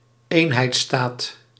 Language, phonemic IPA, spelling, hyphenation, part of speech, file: Dutch, /ˈeːn.ɦɛi̯tˌstaːt/, eenheidsstaat, een‧heids‧staat, noun, Nl-eenheidsstaat.ogg
- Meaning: unitary state